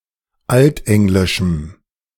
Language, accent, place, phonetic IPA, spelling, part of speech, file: German, Germany, Berlin, [ˈaltˌʔɛŋlɪʃm̩], altenglischem, adjective, De-altenglischem.ogg
- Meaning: strong dative masculine/neuter singular of altenglisch